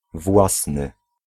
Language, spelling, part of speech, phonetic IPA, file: Polish, własny, adjective, [ˈvwasnɨ], Pl-własny.ogg